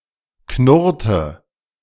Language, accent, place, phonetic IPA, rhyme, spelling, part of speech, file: German, Germany, Berlin, [ˈknʊʁtə], -ʊʁtə, knurrte, verb, De-knurrte.ogg
- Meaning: inflection of knurren: 1. first/third-person singular preterite 2. first/third-person singular subjunctive II